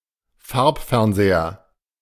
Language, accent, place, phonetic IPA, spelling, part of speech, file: German, Germany, Berlin, [ˈfaʁpfɛʁnˌzeːɐ], Farbfernseher, noun, De-Farbfernseher.ogg
- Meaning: color TV (television set that displays images in color)